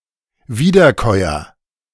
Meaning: ruminant (artiodactyl ungulate mammal which chews cud)
- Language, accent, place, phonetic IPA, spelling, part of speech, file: German, Germany, Berlin, [ˈviːdɐˌkɔɪ̯ɐ], Wiederkäuer, noun, De-Wiederkäuer.ogg